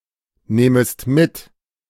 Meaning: second-person singular subjunctive I of mitnehmen
- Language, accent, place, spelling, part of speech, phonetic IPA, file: German, Germany, Berlin, nehmest mit, verb, [ˌneːməst ˈmɪt], De-nehmest mit.ogg